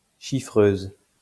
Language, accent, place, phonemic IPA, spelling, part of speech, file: French, France, Lyon, /ʃi.fʁøz/, chiffreuse, noun, LL-Q150 (fra)-chiffreuse.wav
- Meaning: female equivalent of chiffreur